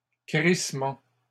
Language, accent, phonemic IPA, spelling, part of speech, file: French, Canada, /kʁis.mɑ̃/, crissements, noun, LL-Q150 (fra)-crissements.wav
- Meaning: plural of crissement